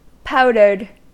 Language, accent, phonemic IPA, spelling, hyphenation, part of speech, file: English, US, /ˈpaʊdɚd/, powdered, pow‧dered, adjective / verb, En-us-powdered.ogg
- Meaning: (adjective) 1. Which has been made into a powder 2. Which has been covered with powder (typically referring to makeup) 3. Sprinkled with salt; salted; corned